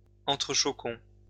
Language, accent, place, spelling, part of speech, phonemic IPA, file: French, France, Lyon, entrechoquons, verb, /ɑ̃.tʁə.ʃɔ.kɔ̃/, LL-Q150 (fra)-entrechoquons.wav
- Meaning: inflection of entrechoquer: 1. first-person plural present indicative 2. first-person plural imperative